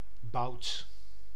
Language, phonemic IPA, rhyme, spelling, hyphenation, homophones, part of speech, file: Dutch, /bɑu̯t/, -ɑu̯t, boud, boud, bout, adjective, Nl-boud.ogg
- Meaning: bold, brave